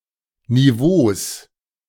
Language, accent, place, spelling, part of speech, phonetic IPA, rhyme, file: German, Germany, Berlin, Niveaus, noun, [niˈvoːs], -oːs, De-Niveaus.ogg
- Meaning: plural of Niveau